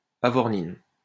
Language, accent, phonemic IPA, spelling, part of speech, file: French, France, /a.vɔʁ.nin/, avornine, noun, LL-Q150 (fra)-avornine.wav
- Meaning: avornin